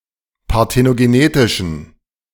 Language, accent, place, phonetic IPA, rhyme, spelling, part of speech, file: German, Germany, Berlin, [paʁtenoɡeˈneːtɪʃn̩], -eːtɪʃn̩, parthenogenetischen, adjective, De-parthenogenetischen.ogg
- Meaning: inflection of parthenogenetisch: 1. strong genitive masculine/neuter singular 2. weak/mixed genitive/dative all-gender singular 3. strong/weak/mixed accusative masculine singular